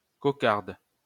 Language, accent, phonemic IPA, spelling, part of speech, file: French, France, /kɔ.kaʁd/, cocarde, noun, LL-Q150 (fra)-cocarde.wav
- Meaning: 1. rosette (imitation of a rose made of ribbon) 2. cockade (rosette or knot of ribbon worn in a hat)